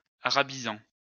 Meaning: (verb) present participle of arabiser; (noun) Arabist
- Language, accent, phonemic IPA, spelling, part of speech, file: French, France, /a.ʁa.bi.zɑ̃/, arabisant, verb / noun, LL-Q150 (fra)-arabisant.wav